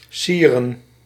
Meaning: 1. to adorn, to decorate 2. to befit, to be appropriate for 3. to be nice of, to be decent of
- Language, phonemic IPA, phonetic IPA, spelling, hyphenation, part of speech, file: Dutch, /ˈsirə(n)/, [ˈsiːrə(n)], sieren, sie‧ren, verb, Nl-sieren.ogg